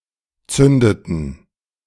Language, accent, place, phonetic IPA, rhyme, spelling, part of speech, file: German, Germany, Berlin, [ˈt͡sʏndətn̩], -ʏndətn̩, zündeten, verb, De-zündeten.ogg
- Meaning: inflection of zünden: 1. first/third-person plural preterite 2. first/third-person plural subjunctive II